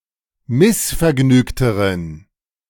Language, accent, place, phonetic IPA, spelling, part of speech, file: German, Germany, Berlin, [ˈmɪsfɛɐ̯ˌɡnyːktəʁən], missvergnügteren, adjective, De-missvergnügteren.ogg
- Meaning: inflection of missvergnügt: 1. strong genitive masculine/neuter singular comparative degree 2. weak/mixed genitive/dative all-gender singular comparative degree